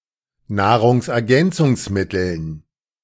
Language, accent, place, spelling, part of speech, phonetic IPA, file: German, Germany, Berlin, Nahrungsergänzungsmitteln, noun, [ˌnaːʁʊŋsʔɛɐ̯ˈɡɛnt͡sʊŋsˌmɪtl̩n], De-Nahrungsergänzungsmitteln.ogg
- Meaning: dative plural of Nahrungsergänzungsmittel